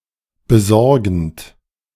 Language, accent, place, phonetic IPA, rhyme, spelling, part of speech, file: German, Germany, Berlin, [bəˈzɔʁɡn̩t], -ɔʁɡn̩t, besorgend, verb, De-besorgend.ogg
- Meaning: present participle of besorgen